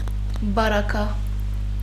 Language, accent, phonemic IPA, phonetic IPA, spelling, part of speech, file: Armenian, Western Armenian, /bɑɾɑˈkɑ/, [bɑɾɑkʰɑ́], պարագա, noun, HyW-պարագա.ogg
- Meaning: 1. circumstance; case 2. accessories 3. adverbial modifier